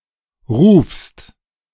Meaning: second-person singular present of rufen
- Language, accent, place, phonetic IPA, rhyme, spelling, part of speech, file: German, Germany, Berlin, [ʁuːfst], -uːfst, rufst, verb, De-rufst.ogg